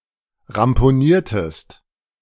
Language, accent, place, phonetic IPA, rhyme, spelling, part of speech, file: German, Germany, Berlin, [ʁampoˈniːɐ̯təst], -iːɐ̯təst, ramponiertest, verb, De-ramponiertest.ogg
- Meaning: inflection of ramponieren: 1. second-person singular preterite 2. second-person singular subjunctive II